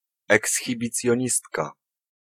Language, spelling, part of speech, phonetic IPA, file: Polish, ekshibicjonistka, noun, [ˌɛksxʲibʲit͡sʲjɔ̇̃ˈɲistka], Pl-ekshibicjonistka.ogg